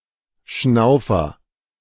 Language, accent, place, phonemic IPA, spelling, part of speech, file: German, Germany, Berlin, /ˈʃnaʊ̯fɐ/, Schnaufer, noun, De-Schnaufer.ogg
- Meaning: 1. gasp; audible breath 2. immature boy